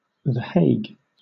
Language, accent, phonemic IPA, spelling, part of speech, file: English, Southern England, /ðə ˈheɪɡ/, The Hague, proper noun / noun, LL-Q1860 (eng)-The Hague.wav
- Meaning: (proper noun) 1. A city, the capital of South Holland, Netherlands; the administrative capital of the Netherlands 2. A municipality of South Holland, Netherlands